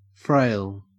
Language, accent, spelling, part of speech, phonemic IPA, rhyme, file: English, Australia, frail, adjective / noun / verb, /fɹeɪl/, -eɪl, En-au-frail.ogg
- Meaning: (adjective) 1. Easily broken physically; not firm or durable; liable to fail and perish 2. Weak; infirm